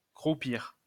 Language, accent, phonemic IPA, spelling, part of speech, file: French, France, /kʁu.piʁ/, croupir, verb, LL-Q150 (fra)-croupir.wav
- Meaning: 1. to stagnate 2. to wallow (remain miserable) 3. to rot (e.g. in prison)